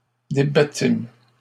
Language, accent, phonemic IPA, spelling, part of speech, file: French, Canada, /de.ba.tim/, débattîmes, verb, LL-Q150 (fra)-débattîmes.wav
- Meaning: first-person plural past historic of débattre